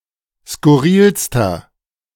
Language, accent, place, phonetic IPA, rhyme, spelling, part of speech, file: German, Germany, Berlin, [skʊˈʁiːlstɐ], -iːlstɐ, skurrilster, adjective, De-skurrilster.ogg
- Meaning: inflection of skurril: 1. strong/mixed nominative masculine singular superlative degree 2. strong genitive/dative feminine singular superlative degree 3. strong genitive plural superlative degree